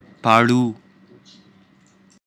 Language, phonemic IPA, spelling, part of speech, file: Pashto, /pɑˈɻu/, پاړو, noun, پاړو.ogg
- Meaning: snake charmer